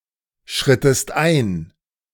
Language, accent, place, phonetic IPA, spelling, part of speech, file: German, Germany, Berlin, [ˌʃʁɪtəst ˈʔaɪ̯n], schrittest ein, verb, De-schrittest ein.ogg
- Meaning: inflection of einschreiten: 1. second-person singular preterite 2. second-person singular subjunctive II